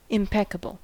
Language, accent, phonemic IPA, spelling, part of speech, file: English, US, /ɪmˈpɛkəbəl/, impeccable, adjective, En-us-impeccable.ogg
- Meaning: 1. Perfect, without faults, flaws or errors 2. Incapable of wrongdoing or sin; immaculate